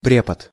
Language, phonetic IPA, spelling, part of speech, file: Russian, [ˈprʲepət], препод, noun, Ru-препод.ogg
- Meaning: teacher